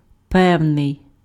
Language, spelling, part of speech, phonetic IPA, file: Ukrainian, певний, determiner / adjective, [ˈpɛu̯nei̯], Uk-певний.ogg
- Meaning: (determiner) some, a certain; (adjective) 1. certain, sure 2. firm (of movements or steps) 3. correct, accurate, reliable 4. precise, definite 5. reliable, trustworthy